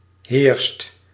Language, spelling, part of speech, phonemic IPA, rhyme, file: Dutch, heerst, verb, /ɦeːrst/, -eːrst, Nl-heerst.ogg
- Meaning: inflection of heersen: 1. second/third-person singular present indicative 2. plural imperative